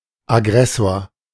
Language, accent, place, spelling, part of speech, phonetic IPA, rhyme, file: German, Germany, Berlin, Aggressor, noun, [aˈɡʁɛsoːɐ̯], -ɛsoːɐ̯, De-Aggressor.ogg
- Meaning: aggressor